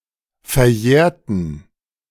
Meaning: inflection of verjähren: 1. first/third-person plural preterite 2. first/third-person plural subjunctive II
- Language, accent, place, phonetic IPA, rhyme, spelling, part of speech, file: German, Germany, Berlin, [fɛɐ̯ˈjɛːɐ̯tn̩], -ɛːɐ̯tn̩, verjährten, adjective / verb, De-verjährten.ogg